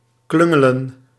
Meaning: 1. to bungle 2. to dawdle, waste time
- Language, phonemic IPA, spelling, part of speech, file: Dutch, /ˈklʏŋələ(n)/, klungelen, verb, Nl-klungelen.ogg